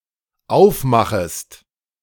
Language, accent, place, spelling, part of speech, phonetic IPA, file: German, Germany, Berlin, aufmachest, verb, [ˈaʊ̯fˌmaxəst], De-aufmachest.ogg
- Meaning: second-person singular dependent subjunctive I of aufmachen